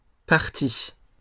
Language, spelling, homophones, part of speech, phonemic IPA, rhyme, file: French, partie, parti / partis / parties, noun / verb, /paʁ.ti/, -i, LL-Q150 (fra)-partie.wav
- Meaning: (noun) 1. part (portion, amount) 2. party 3. game, play (sense "the conduct, or course of a game") 4. subset; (verb) feminine singular of parti